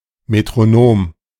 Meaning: metronome
- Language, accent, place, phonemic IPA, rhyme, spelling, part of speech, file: German, Germany, Berlin, /metʁoˈnoːm/, -oːm, Metronom, noun, De-Metronom.ogg